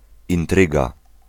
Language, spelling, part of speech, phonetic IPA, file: Polish, intryga, noun, [ĩnˈtrɨɡa], Pl-intryga.ogg